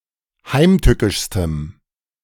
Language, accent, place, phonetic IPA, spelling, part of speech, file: German, Germany, Berlin, [ˈhaɪ̯mˌtʏkɪʃstəm], heimtückischstem, adjective, De-heimtückischstem.ogg
- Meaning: strong dative masculine/neuter singular superlative degree of heimtückisch